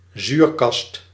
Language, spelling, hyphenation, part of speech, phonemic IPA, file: Dutch, zuurkast, zuur‧kast, noun, /ˈzyrkɑst/, Nl-zuurkast.ogg
- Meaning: fume hood (a ventilated compartment in a lab, in which chemical procedures may be undertaken safer)